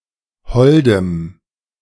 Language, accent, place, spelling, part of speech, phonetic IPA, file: German, Germany, Berlin, holdem, adjective, [ˈhɔldəm], De-holdem.ogg
- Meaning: strong dative masculine/neuter singular of hold